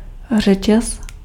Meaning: chain (of rings or links)
- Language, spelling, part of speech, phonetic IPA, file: Czech, řetěz, noun, [ˈr̝ɛcɛs], Cs-řetěz.ogg